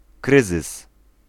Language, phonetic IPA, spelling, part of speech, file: Polish, [ˈkrɨzɨs], kryzys, noun, Pl-kryzys.ogg